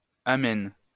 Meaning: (interjection) amen
- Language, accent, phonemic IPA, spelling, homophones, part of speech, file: French, France, /a.mɛn/, amen, amène / amènent / amènes, interjection / noun, LL-Q150 (fra)-amen.wav